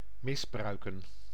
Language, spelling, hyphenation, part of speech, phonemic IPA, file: Dutch, misbruiken, mis‧brui‧ken, verb, /ˌmɪsˈbrœy̯.kə(n)/, Nl-misbruiken.ogg
- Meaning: 1. to misuse, to abuse (one's power) 2. to mistreat, to abuse